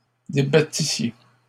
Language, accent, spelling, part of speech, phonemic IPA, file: French, Canada, débattissiez, verb, /de.ba.ti.sje/, LL-Q150 (fra)-débattissiez.wav
- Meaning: second-person plural imperfect subjunctive of débattre